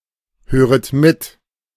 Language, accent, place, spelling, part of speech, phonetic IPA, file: German, Germany, Berlin, höret mit, verb, [ˌhøːʁət ˈmɪt], De-höret mit.ogg
- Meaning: second-person plural subjunctive I of mithören